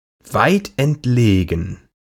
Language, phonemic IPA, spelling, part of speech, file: German, /ˈvaɪ̯tʔɛntˌleːɡn̩/, weitentlegen, adjective, De-weitentlegen.ogg
- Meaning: faraway